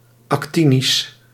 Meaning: actinic
- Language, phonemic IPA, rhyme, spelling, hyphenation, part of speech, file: Dutch, /ˌɑkˈti.nis/, -inis, actinisch, ac‧ti‧nisch, adjective, Nl-actinisch.ogg